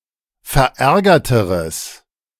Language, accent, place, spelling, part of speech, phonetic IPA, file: German, Germany, Berlin, verärgerteres, adjective, [fɛɐ̯ˈʔɛʁɡɐtəʁəs], De-verärgerteres.ogg
- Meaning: strong/mixed nominative/accusative neuter singular comparative degree of verärgert